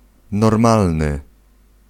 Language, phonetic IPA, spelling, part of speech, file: Polish, [nɔrˈmalnɨ], normalny, adjective, Pl-normalny.ogg